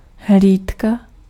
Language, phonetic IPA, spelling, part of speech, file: Czech, [ˈɦliːtka], hlídka, noun, Cs-hlídka.ogg
- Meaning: 1. watch 2. sentinel